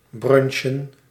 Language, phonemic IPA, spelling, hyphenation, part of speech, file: Dutch, /ˈbrʏnʃə(n)/, brunchen, brun‧chen, verb / noun, Nl-brunchen.ogg
- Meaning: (verb) to (have) brunch, take a single meal serving as both (late) breakfast and (early) lunch; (noun) plural of brunch